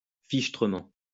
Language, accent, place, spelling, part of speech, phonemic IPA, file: French, France, Lyon, fichtrement, adverb, /fiʃ.tʁə.mɑ̃/, LL-Q150 (fra)-fichtrement.wav
- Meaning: very, terribly, awfully, darned, damn